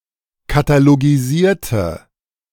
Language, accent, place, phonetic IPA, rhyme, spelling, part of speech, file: German, Germany, Berlin, [kataloɡiˈziːɐ̯tə], -iːɐ̯tə, katalogisierte, adjective / verb, De-katalogisierte.ogg
- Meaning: inflection of katalogisieren: 1. first/third-person singular preterite 2. first/third-person singular subjunctive II